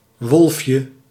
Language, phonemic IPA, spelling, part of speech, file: Dutch, /ˈwɔlᵊfjə/, wolfje, noun, Nl-wolfje.ogg
- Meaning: diminutive of wolf